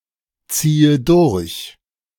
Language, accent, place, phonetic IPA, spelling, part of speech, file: German, Germany, Berlin, [ˌt͡siːə ˈdʊʁç], ziehe durch, verb, De-ziehe durch.ogg
- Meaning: inflection of durchziehen: 1. first-person singular present 2. first/third-person singular subjunctive I 3. singular imperative